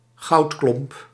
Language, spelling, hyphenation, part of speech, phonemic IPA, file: Dutch, goudklomp, goud‧klomp, noun, /ˈɣɑu̯t.klɔmp/, Nl-goudklomp.ogg
- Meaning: gold nugget